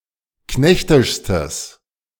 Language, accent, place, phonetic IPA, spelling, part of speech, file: German, Germany, Berlin, [ˈknɛçtɪʃstəs], knechtischstes, adjective, De-knechtischstes.ogg
- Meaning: strong/mixed nominative/accusative neuter singular superlative degree of knechtisch